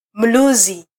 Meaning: whistle, whistling
- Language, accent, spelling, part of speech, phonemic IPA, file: Swahili, Kenya, mluzi, noun, /m̩ˈlu.zi/, Sw-ke-mluzi.flac